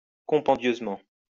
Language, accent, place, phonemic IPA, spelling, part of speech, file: French, France, Lyon, /kɔ̃.pɑ̃.djøz.mɑ̃/, compendieusement, adverb, LL-Q150 (fra)-compendieusement.wav
- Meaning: compendiously